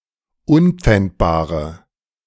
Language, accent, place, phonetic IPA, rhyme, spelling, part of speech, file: German, Germany, Berlin, [ˈʊnp͡fɛntbaːʁə], -ɛntbaːʁə, unpfändbare, adjective, De-unpfändbare.ogg
- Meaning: inflection of unpfändbar: 1. strong/mixed nominative/accusative feminine singular 2. strong nominative/accusative plural 3. weak nominative all-gender singular